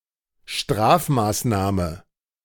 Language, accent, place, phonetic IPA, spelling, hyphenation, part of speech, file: German, Germany, Berlin, [ˈʃtraːfmaːsnaːmə], Strafmaßnahme, Straf‧maß‧nah‧me, noun, De-Strafmaßnahme.ogg
- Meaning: sanction, punitive measure